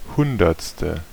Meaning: hundredth
- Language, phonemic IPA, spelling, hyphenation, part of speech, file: German, /ˈhʊndɐtstə/, hundertste, hun‧derts‧te, adjective, De-hundertste.ogg